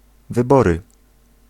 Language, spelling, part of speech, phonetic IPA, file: Polish, wybory, noun, [vɨˈbɔrɨ], Pl-wybory.ogg